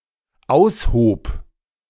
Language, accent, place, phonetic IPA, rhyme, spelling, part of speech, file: German, Germany, Berlin, [ˈaʊ̯sˌhoːp], -aʊ̯shoːp, aushob, verb, De-aushob.ogg
- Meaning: first/third-person singular dependent preterite of ausheben